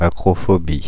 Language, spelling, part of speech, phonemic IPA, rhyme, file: French, acrophobie, noun, /a.kʁɔ.fɔ.bi/, -i, Fr-acrophobie.ogg
- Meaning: acrophobia